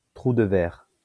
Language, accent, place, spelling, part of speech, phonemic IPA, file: French, France, Lyon, trou de ver, noun, /tʁu d(ə) vɛʁ/, LL-Q150 (fra)-trou de ver.wav
- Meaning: wormhole